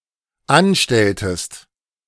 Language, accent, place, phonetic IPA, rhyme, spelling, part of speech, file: German, Germany, Berlin, [ˈanˌʃtɛltəst], -anʃtɛltəst, anstelltest, verb, De-anstelltest.ogg
- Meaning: inflection of anstellen: 1. second-person singular dependent preterite 2. second-person singular dependent subjunctive II